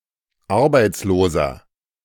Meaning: inflection of arbeitslos: 1. strong/mixed nominative masculine singular 2. strong genitive/dative feminine singular 3. strong genitive plural
- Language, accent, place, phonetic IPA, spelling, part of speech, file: German, Germany, Berlin, [ˈaʁbaɪ̯t͡sloːzɐ], arbeitsloser, adjective, De-arbeitsloser.ogg